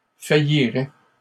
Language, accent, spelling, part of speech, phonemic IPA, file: French, Canada, failliraient, verb, /fa.ji.ʁɛ/, LL-Q150 (fra)-failliraient.wav
- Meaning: third-person plural conditional of faillir